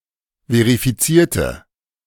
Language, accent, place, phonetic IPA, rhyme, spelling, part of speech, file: German, Germany, Berlin, [veʁifiˈt͡siːɐ̯tə], -iːɐ̯tə, verifizierte, adjective / verb, De-verifizierte.ogg
- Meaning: inflection of verifizieren: 1. first/third-person singular preterite 2. first/third-person singular subjunctive II